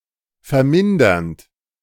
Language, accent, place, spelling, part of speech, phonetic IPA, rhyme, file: German, Germany, Berlin, vermindernd, verb, [fɛɐ̯ˈmɪndɐnt], -ɪndɐnt, De-vermindernd.ogg
- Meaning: present participle of vermindern